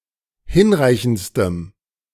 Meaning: strong dative masculine/neuter singular superlative degree of hinreichend
- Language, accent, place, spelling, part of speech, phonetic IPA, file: German, Germany, Berlin, hinreichendstem, adjective, [ˈhɪnˌʁaɪ̯çn̩t͡stəm], De-hinreichendstem.ogg